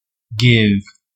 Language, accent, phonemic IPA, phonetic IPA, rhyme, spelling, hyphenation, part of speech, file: English, US, /ˈɡɪv/, [ˈɡɪv], -ɪv, give, give, verb / noun, En-us-give.ogg
- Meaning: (verb) To move, shift, provide something abstract or concrete to someone or something or somewhere.: To transfer one's possession or holding of (something) to (someone)